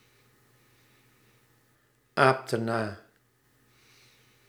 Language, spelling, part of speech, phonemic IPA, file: Dutch, aapte na, verb, /ˈaptə ˈna/, Nl-aapte na.ogg
- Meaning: inflection of na-apen: 1. singular past indicative 2. singular past subjunctive